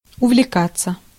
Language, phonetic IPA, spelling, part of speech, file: Russian, [ʊvlʲɪˈkat͡sːə], увлекаться, verb, Ru-увлекаться.ogg
- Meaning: 1. to take an interest in 2. to get carried away (by/with)